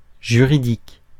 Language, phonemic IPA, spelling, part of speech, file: French, /ʒy.ʁi.dik/, juridique, adjective, Fr-juridique.ogg
- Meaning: 1. judicial 2. law; legal